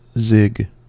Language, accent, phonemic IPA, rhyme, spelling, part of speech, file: English, US, /zɪɡ/, -ɪɡ, zig, noun / verb, En-us-zig.ogg
- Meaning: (noun) 1. A sudden or sharp turn or change of direction 2. A kind of Jewish comedy skit; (verb) To make such a turn; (noun) Alternative letter-case form of ZiG